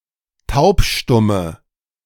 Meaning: inflection of taubstumm: 1. strong/mixed nominative/accusative feminine singular 2. strong nominative/accusative plural 3. weak nominative all-gender singular
- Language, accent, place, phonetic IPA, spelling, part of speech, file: German, Germany, Berlin, [ˈtaʊ̯pˌʃtʊmə], taubstumme, adjective, De-taubstumme.ogg